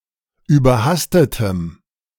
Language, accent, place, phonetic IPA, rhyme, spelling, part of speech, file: German, Germany, Berlin, [yːbɐˈhastətəm], -astətəm, überhastetem, adjective, De-überhastetem.ogg
- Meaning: strong dative masculine/neuter singular of überhastet